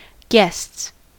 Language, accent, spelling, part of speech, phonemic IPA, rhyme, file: English, US, guests, noun / verb, /ɡɛsts/, -ɛsts, En-us-guests.ogg
- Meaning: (noun) plural of guest; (verb) third-person singular simple present indicative of guest